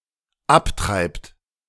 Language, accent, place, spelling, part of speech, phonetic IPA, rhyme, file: German, Germany, Berlin, abtreibt, verb, [ˈapˌtʁaɪ̯pt], -aptʁaɪ̯pt, De-abtreibt.ogg
- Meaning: inflection of abtreiben: 1. third-person singular dependent present 2. second-person plural dependent present